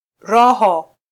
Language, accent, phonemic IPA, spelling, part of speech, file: Swahili, Kenya, /ˈɾɔ.hɔ/, roho, noun, Sw-ke-roho.flac
- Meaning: spirit, soul, personality